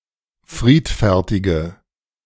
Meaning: inflection of friedfertig: 1. strong/mixed nominative/accusative feminine singular 2. strong nominative/accusative plural 3. weak nominative all-gender singular
- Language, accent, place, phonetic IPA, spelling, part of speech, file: German, Germany, Berlin, [ˈfʁiːtfɛʁtɪɡə], friedfertige, adjective, De-friedfertige.ogg